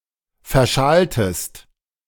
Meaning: inflection of verschalen: 1. second-person singular preterite 2. second-person singular subjunctive II
- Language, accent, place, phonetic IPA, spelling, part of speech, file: German, Germany, Berlin, [fɛɐ̯ˈʃaːltəst], verschaltest, verb, De-verschaltest.ogg